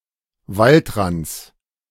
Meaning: genitive of Waldrand
- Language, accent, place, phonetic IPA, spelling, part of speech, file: German, Germany, Berlin, [ˈvaltˌʁant͡s], Waldrands, noun, De-Waldrands.ogg